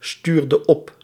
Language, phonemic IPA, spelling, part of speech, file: Dutch, /ˈstyrdə ˈɔp/, stuurde op, verb, Nl-stuurde op.ogg
- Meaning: inflection of opsturen: 1. singular past indicative 2. singular past subjunctive